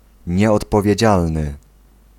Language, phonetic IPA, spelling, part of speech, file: Polish, [ˌɲɛɔtpɔvʲjɛ̇ˈd͡ʑalnɨ], nieodpowiedzialny, adjective, Pl-nieodpowiedzialny.ogg